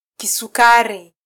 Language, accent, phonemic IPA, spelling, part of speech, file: Swahili, Kenya, /ki.suˈkɑ.ɾi/, kisukari, noun, Sw-ke-kisukari.flac
- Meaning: 1. diabetes 2. a cultivar of small, sweet banana